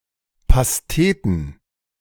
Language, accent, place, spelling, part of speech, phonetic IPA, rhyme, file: German, Germany, Berlin, Pasteten, noun, [pasˈteːtn̩], -eːtn̩, De-Pasteten.ogg
- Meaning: plural of Pastete